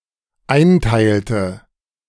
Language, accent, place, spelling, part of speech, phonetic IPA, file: German, Germany, Berlin, einteilte, verb, [ˈaɪ̯nˌtaɪ̯ltə], De-einteilte.ogg
- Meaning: inflection of einteilen: 1. first/third-person singular dependent preterite 2. first/third-person singular dependent subjunctive II